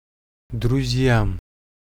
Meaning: dative plural of друг (drug)
- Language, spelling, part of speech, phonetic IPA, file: Russian, друзьям, noun, [drʊˈzʲjam], Ru-друзьям.ogg